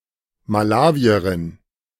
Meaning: Malawian (A female person from Malawi or of Malawian descent)
- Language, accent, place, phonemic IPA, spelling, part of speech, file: German, Germany, Berlin, /maˈlaːviɐʁɪn/, Malawierin, noun, De-Malawierin.ogg